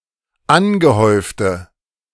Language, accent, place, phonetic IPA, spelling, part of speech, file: German, Germany, Berlin, [ˈanɡəˌhɔɪ̯ftə], angehäufte, adjective, De-angehäufte.ogg
- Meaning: inflection of angehäuft: 1. strong/mixed nominative/accusative feminine singular 2. strong nominative/accusative plural 3. weak nominative all-gender singular